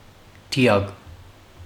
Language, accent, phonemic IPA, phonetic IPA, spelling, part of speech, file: Armenian, Western Armenian, /tiˈɑɡ/, [tʰi(j)ɑ́ɡ], դիակ, noun, HyW-դիակ.ogg
- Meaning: dead body, corpse, cadaver, carcass